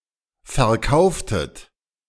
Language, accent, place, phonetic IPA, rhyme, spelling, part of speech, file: German, Germany, Berlin, [fɛɐ̯ˈkaʊ̯ftət], -aʊ̯ftət, verkauftet, verb, De-verkauftet.ogg
- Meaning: inflection of verkaufen: 1. second-person plural preterite 2. second-person plural subjunctive II